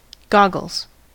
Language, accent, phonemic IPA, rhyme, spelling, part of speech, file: English, US, /ˈɡɑ.ɡəlz/, -ɑɡəlz, goggles, noun / verb, En-us-goggles.ogg
- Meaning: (noun) 1. Protective eyewear set in a flexible frame to fit snugly against the face 2. Any safety glasses 3. Blinds for shying horses 4. Any glasses (spectacles) 5. plural of goggle